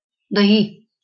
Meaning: dahi, curd, yogurt
- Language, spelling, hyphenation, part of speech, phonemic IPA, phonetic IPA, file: Marathi, दही, द‧ही, noun, /d̪ə.ɦi/, [d̪ʱəiː], LL-Q1571 (mar)-दही.wav